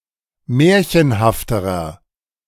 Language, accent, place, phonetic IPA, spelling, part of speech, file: German, Germany, Berlin, [ˈmɛːɐ̯çənhaftəʁɐ], märchenhafterer, adjective, De-märchenhafterer.ogg
- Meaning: inflection of märchenhaft: 1. strong/mixed nominative masculine singular comparative degree 2. strong genitive/dative feminine singular comparative degree 3. strong genitive plural comparative degree